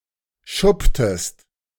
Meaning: inflection of schuppen: 1. second-person singular preterite 2. second-person singular subjunctive II
- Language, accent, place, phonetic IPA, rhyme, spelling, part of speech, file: German, Germany, Berlin, [ˈʃʊptəst], -ʊptəst, schupptest, verb, De-schupptest.ogg